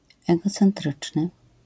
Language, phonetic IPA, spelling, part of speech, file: Polish, [ˌɛɡɔt͡sɛ̃nˈtrɨt͡ʃnɨ], egocentryczny, adjective, LL-Q809 (pol)-egocentryczny.wav